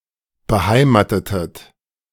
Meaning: inflection of beheimaten: 1. second-person plural preterite 2. second-person plural subjunctive II
- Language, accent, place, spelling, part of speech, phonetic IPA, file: German, Germany, Berlin, beheimatetet, verb, [bəˈhaɪ̯maːtətət], De-beheimatetet.ogg